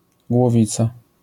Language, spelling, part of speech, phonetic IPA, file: Polish, głowica, noun, [ɡwɔˈvʲit͡sa], LL-Q809 (pol)-głowica.wav